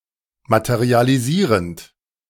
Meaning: present participle of materialisieren
- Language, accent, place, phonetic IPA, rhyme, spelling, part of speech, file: German, Germany, Berlin, [ˌmatəʁialiˈziːʁənt], -iːʁənt, materialisierend, verb, De-materialisierend.ogg